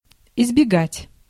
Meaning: 1. to avoid, to refrain from 2. to keep off, to steer clear of, to shun, to evade, to elude 3. to escape
- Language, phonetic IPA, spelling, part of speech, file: Russian, [ɪzbʲɪˈɡatʲ], избегать, verb, Ru-избегать.ogg